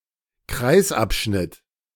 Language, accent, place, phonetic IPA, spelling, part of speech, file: German, Germany, Berlin, [ˈkʁaɪ̯sʔapˌʃnɪt], Kreisabschnitt, noun, De-Kreisabschnitt.ogg
- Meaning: circular segment; segment of a circle